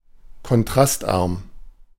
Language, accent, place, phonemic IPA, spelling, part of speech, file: German, Germany, Berlin, /kɔnˈtʁastˌʔaʁm/, kontrastarm, adjective, De-kontrastarm.ogg
- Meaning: low-contrast